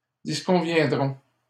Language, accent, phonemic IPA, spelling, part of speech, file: French, Canada, /dis.kɔ̃.vjɛ̃.dʁɔ̃/, disconviendrons, verb, LL-Q150 (fra)-disconviendrons.wav
- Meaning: first-person plural simple future of disconvenir